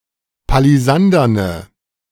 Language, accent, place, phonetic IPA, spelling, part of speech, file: German, Germany, Berlin, [paliˈzandɐnə], palisanderne, adjective, De-palisanderne.ogg
- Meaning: inflection of palisandern: 1. strong/mixed nominative/accusative feminine singular 2. strong nominative/accusative plural 3. weak nominative all-gender singular